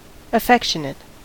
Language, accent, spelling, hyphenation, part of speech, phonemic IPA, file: English, US, affectionate, af‧fec‧tion‧ate, adjective, /əˈfɛkʃənət/, En-us-affectionate.ogg
- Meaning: 1. Having affection or warm regard; loving; fond 2. Characterised by or proceeding from affection; indicating love; tender 3. Eager; passionate; strongly inclined toward something